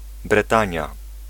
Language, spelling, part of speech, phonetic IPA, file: Polish, Bretania, proper noun, [brɛˈtãɲja], Pl-Bretania.ogg